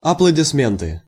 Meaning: applause, clapping, cheers
- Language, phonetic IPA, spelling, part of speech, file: Russian, [ɐpɫədʲɪsˈmʲentɨ], аплодисменты, noun, Ru-аплодисменты.ogg